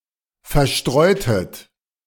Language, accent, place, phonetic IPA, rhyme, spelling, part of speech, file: German, Germany, Berlin, [fɛɐ̯ˈʃtʁɔɪ̯tət], -ɔɪ̯tət, verstreutet, verb, De-verstreutet.ogg
- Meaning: inflection of verstreuen: 1. second-person plural preterite 2. second-person plural subjunctive II